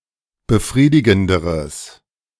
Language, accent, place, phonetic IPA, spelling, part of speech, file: German, Germany, Berlin, [bəˈfʁiːdɪɡn̩dəʁəs], befriedigenderes, adjective, De-befriedigenderes.ogg
- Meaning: strong/mixed nominative/accusative neuter singular comparative degree of befriedigend